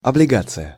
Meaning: bond, debenture
- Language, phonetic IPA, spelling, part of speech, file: Russian, [ɐblʲɪˈɡat͡sɨjə], облигация, noun, Ru-облигация.ogg